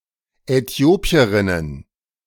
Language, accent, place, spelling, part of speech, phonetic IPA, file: German, Germany, Berlin, Äthiopierinnen, noun, [ɛˈti̯oːpi̯əʁɪnən], De-Äthiopierinnen.ogg
- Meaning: plural of Äthiopierin